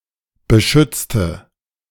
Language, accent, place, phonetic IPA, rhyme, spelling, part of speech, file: German, Germany, Berlin, [bəˈʃʏt͡stə], -ʏt͡stə, beschützte, adjective / verb, De-beschützte.ogg
- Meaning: inflection of beschützen: 1. first/third-person singular preterite 2. first/third-person singular subjunctive II